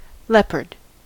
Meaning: A large wild cat with a spotted coat native to Africa and Asia (Panthera pardus)
- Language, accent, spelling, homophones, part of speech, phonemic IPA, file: English, US, leopard, lepered, noun, /ˈlɛp.ɚd/, En-us-leopard.ogg